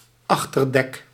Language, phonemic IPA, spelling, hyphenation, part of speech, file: Dutch, /ˈɑx.tərˌdɛk/, achterdek, ach‧ter‧dek, noun, Nl-achterdek.ogg
- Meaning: afterdeck, quarterdeck